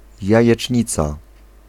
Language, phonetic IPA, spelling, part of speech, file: Polish, [ˌjäjɛt͡ʃʲˈɲit͡sa], jajecznica, noun, Pl-jajecznica.ogg